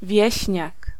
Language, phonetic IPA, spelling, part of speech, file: Polish, [ˈvʲjɛ̇ɕɲak], wieśniak, noun, Pl-wieśniak.ogg